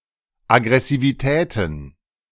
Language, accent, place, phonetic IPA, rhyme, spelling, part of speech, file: German, Germany, Berlin, [aɡʁɛsiviˈtɛːtn̩], -ɛːtn̩, Aggressivitäten, noun, De-Aggressivitäten.ogg
- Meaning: plural of Aggressivität